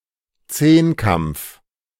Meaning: decathlon
- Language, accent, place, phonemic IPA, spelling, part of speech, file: German, Germany, Berlin, /ˈt͡seːnˌkamp͡f/, Zehnkampf, noun, De-Zehnkampf.ogg